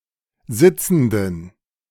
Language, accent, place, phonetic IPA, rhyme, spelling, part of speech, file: German, Germany, Berlin, [ˈzɪt͡sn̩dən], -ɪt͡sn̩dən, sitzenden, adjective, De-sitzenden.ogg
- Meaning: inflection of sitzend: 1. strong genitive masculine/neuter singular 2. weak/mixed genitive/dative all-gender singular 3. strong/weak/mixed accusative masculine singular 4. strong dative plural